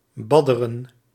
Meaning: 1. to swim or play in water 2. to bathe
- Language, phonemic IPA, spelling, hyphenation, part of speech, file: Dutch, /ˈbɑ.də.rə(n)/, badderen, bad‧de‧ren, verb, Nl-badderen.ogg